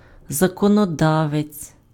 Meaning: legislator, lawmaker, lawgiver
- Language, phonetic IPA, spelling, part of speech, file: Ukrainian, [zɐkɔnɔˈdaʋet͡sʲ], законодавець, noun, Uk-законодавець.ogg